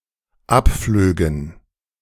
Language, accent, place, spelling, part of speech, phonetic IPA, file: German, Germany, Berlin, abflögen, verb, [ˈapˌfløːɡn̩], De-abflögen.ogg
- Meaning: first/third-person plural dependent subjunctive II of abfliegen